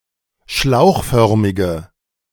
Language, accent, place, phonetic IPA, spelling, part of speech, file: German, Germany, Berlin, [ˈʃlaʊ̯xˌfœʁmɪɡə], schlauchförmige, adjective, De-schlauchförmige.ogg
- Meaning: inflection of schlauchförmig: 1. strong/mixed nominative/accusative feminine singular 2. strong nominative/accusative plural 3. weak nominative all-gender singular